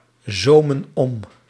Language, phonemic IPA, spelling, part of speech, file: Dutch, /ˈzomə(n) ˈɔm/, zomen om, verb, Nl-zomen om.ogg
- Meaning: inflection of omzomen: 1. plural present indicative 2. plural present subjunctive